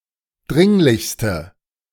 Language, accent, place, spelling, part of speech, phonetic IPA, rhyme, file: German, Germany, Berlin, dringlichste, adjective, [ˈdʁɪŋlɪçstə], -ɪŋlɪçstə, De-dringlichste.ogg
- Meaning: inflection of dringlich: 1. strong/mixed nominative/accusative feminine singular superlative degree 2. strong nominative/accusative plural superlative degree